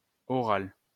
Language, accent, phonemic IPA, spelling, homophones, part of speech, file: French, France, /ɔ.ʁal/, oral, orale / orales, adjective / noun, LL-Q150 (fra)-oral.wav
- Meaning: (adjective) oral; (noun) an oral exam, a viva, a viva voce